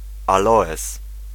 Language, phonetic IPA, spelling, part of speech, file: Polish, [aˈlɔɛs], aloes, noun, Pl-aloes.ogg